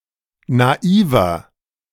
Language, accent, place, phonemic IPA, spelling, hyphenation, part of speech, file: German, Germany, Berlin, /naˈiːvɐ/, naiver, na‧i‧ver, adjective, De-naiver.ogg
- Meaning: inflection of naiv: 1. strong/mixed nominative masculine singular 2. strong genitive/dative feminine singular 3. strong genitive plural